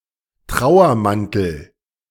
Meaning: mourning cloak, Camberwell beauty (butterfly)
- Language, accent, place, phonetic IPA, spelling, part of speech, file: German, Germany, Berlin, [ˈtʁaʊ̯ɐˌmantl̩], Trauermantel, noun, De-Trauermantel.ogg